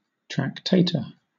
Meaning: 1. In medieval commerce, the person who handles or transports merchandise on behalf of an investor; an entrepreneur 2. A person who writes tracts 3. A Tractarian
- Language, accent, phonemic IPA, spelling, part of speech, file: English, Southern England, /tɹækˈteɪ.tə/, tractator, noun, LL-Q1860 (eng)-tractator.wav